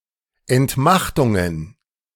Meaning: plural of Entmachtung
- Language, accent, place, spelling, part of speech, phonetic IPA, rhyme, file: German, Germany, Berlin, Entmachtungen, noun, [ɛntˈmaxtʊŋən], -axtʊŋən, De-Entmachtungen.ogg